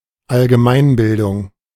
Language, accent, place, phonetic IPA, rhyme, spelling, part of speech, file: German, Germany, Berlin, [alɡəˈmaɪ̯nˌbɪldʊŋ], -aɪ̯nbɪldʊŋ, Allgemeinbildung, noun, De-Allgemeinbildung.ogg
- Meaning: 1. general education, all-round education; general knowledge 2. liberal education